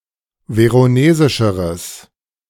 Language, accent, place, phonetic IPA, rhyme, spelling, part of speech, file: German, Germany, Berlin, [ˌveʁoˈneːzɪʃəʁəs], -eːzɪʃəʁəs, veronesischeres, adjective, De-veronesischeres.ogg
- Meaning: strong/mixed nominative/accusative neuter singular comparative degree of veronesisch